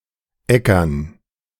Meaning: plural of Ecker
- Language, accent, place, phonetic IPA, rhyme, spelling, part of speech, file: German, Germany, Berlin, [ˈɛkɐn], -ɛkɐn, Eckern, noun, De-Eckern.ogg